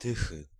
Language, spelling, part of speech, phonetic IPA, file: Polish, Tychy, proper noun, [ˈtɨxɨ], Pl-Tychy.ogg